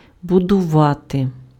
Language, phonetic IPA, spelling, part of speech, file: Ukrainian, [bʊdʊˈʋate], будувати, verb, Uk-будувати.ogg
- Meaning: to build, to construct